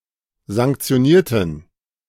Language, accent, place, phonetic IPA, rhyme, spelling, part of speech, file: German, Germany, Berlin, [zaŋkt͡si̯oˈniːɐ̯tn̩], -iːɐ̯tn̩, sanktionierten, adjective / verb, De-sanktionierten.ogg
- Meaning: inflection of sanktionieren: 1. first/third-person plural preterite 2. first/third-person plural subjunctive II